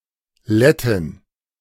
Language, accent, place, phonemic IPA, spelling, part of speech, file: German, Germany, Berlin, /ˈlɛtɪn/, Lettin, noun, De-Lettin.ogg
- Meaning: Latvian (female person)